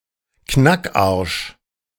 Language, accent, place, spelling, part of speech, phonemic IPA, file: German, Germany, Berlin, Knackarsch, noun, /ˈknak.aʁʃ/, De-Knackarsch.ogg
- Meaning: a firm, sexy ass, a bubble butt